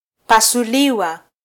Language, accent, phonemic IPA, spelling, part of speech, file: Swahili, Kenya, /pɑ.suˈli.wɑ/, pasuliwa, verb, Sw-ke-pasuliwa.flac
- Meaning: Passive form of -pasua: to get torn open; to be operated on